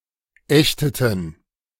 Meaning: inflection of ächten: 1. first/third-person plural preterite 2. first/third-person plural subjunctive II
- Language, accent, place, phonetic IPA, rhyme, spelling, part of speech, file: German, Germany, Berlin, [ˈɛçtətn̩], -ɛçtətn̩, ächteten, verb, De-ächteten.ogg